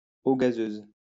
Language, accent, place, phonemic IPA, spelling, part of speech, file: French, France, Lyon, /o ɡa.zøz/, eau gazeuse, noun, LL-Q150 (fra)-eau gazeuse.wav
- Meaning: sparkling water, soda water